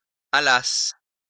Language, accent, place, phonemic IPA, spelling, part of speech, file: French, France, Lyon, /a.las/, allasse, verb, LL-Q150 (fra)-allasse.wav
- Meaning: first-person singular imperfect subjunctive of aller